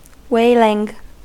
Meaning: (noun) A loud drawn out scream or howl; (verb) present participle and gerund of wail
- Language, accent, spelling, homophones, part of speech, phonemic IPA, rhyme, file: English, US, wailing, whaling / waling, noun / verb, /ˈweɪlɪŋ/, -eɪlɪŋ, En-us-wailing.ogg